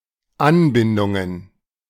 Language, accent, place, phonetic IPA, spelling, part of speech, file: German, Germany, Berlin, [ˈanˌbɪndʊŋən], Anbindungen, noun, De-Anbindungen.ogg
- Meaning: plural of Anbindung